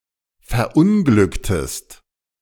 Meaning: inflection of verunglücken: 1. second-person singular preterite 2. second-person singular subjunctive II
- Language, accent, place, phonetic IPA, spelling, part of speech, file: German, Germany, Berlin, [fɛɐ̯ˈʔʊnɡlʏktəst], verunglücktest, verb, De-verunglücktest.ogg